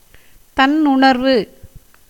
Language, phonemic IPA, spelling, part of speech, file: Tamil, /t̪ɐnːʊɳɐɾʋɯ/, தன்னுணர்வு, noun, Ta-தன்னுணர்வு.ogg
- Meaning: self-consciousness